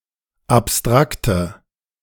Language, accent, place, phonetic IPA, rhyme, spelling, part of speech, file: German, Germany, Berlin, [apˈstʁaktə], -aktə, abstrakte, adjective, De-abstrakte.ogg
- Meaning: inflection of abstrakt: 1. strong/mixed nominative/accusative feminine singular 2. strong nominative/accusative plural 3. weak nominative all-gender singular